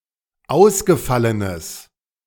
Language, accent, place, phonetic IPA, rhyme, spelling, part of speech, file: German, Germany, Berlin, [ˈaʊ̯sɡəˌfalənəs], -aʊ̯sɡəfalənəs, ausgefallenes, adjective, De-ausgefallenes.ogg
- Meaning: strong/mixed nominative/accusative neuter singular of ausgefallen